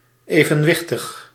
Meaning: 1. balanced (of things) 2. equanimous (of people)
- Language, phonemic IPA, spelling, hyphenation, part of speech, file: Dutch, /ˌeː.və(n)ˈʋɪx.təx/, evenwichtig, even‧wich‧tig, adjective, Nl-evenwichtig.ogg